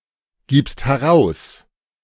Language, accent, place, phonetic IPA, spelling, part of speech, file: German, Germany, Berlin, [ˌɡiːpst hɛˈʁaʊ̯s], gibst heraus, verb, De-gibst heraus.ogg
- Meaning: second-person singular present of herausgeben